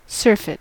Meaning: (adjective) Sated; surfeited; filled; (noun) 1. An excessive amount of something 2. Overindulgence in either food or drink; overeating 3. A sickness or condition caused by overindulgence
- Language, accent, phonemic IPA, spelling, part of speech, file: English, US, /ˈsɝː.fɪt/, surfeit, adjective / noun / verb, En-us-surfeit.ogg